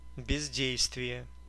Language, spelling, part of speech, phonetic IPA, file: Russian, бездействие, noun, [bʲɪzʲˈdʲejstvʲɪje], Ru-бездействие.ogg
- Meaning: inaction